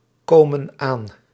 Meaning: inflection of aankomen: 1. plural present indicative 2. plural present subjunctive
- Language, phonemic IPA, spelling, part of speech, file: Dutch, /ˈkomə(n) ˈan/, komen aan, verb, Nl-komen aan.ogg